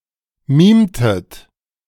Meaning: inflection of mimen: 1. second-person plural preterite 2. second-person plural subjunctive II
- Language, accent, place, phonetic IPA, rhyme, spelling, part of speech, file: German, Germany, Berlin, [ˈmiːmtət], -iːmtət, mimtet, verb, De-mimtet.ogg